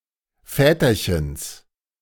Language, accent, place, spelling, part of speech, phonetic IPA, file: German, Germany, Berlin, Väterchens, noun, [ˈfɛːtɐçəns], De-Väterchens.ogg
- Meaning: genitive of Väterchen